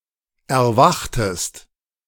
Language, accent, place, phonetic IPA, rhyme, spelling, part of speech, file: German, Germany, Berlin, [ɛɐ̯ˈvaxtəst], -axtəst, erwachtest, verb, De-erwachtest.ogg
- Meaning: inflection of erwachen: 1. second-person singular preterite 2. second-person singular subjunctive II